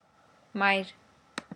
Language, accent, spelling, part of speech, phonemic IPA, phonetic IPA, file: Armenian, Eastern Armenian, մայր, noun, /mɑjɾ/, [mɑjɾ], Mɑjɾ.ogg
- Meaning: 1. mother 2. cedar 3. only used in մայր մտնել (mayr mtnel)